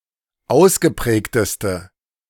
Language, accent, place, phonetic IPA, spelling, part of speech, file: German, Germany, Berlin, [ˈaʊ̯sɡəˌpʁɛːktəstə], ausgeprägteste, adjective, De-ausgeprägteste.ogg
- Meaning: inflection of ausgeprägt: 1. strong/mixed nominative/accusative feminine singular superlative degree 2. strong nominative/accusative plural superlative degree